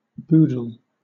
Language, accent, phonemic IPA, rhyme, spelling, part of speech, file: English, Southern England, /ˈbuːdəl/, -uːdəl, boodle, noun / verb, LL-Q1860 (eng)-boodle.wav
- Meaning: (noun) 1. Money, especially when acquired or spent illegally or improperly; swag 2. The whole collection or lot; caboodle 3. Candy and snacks; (verb) To engage in bribery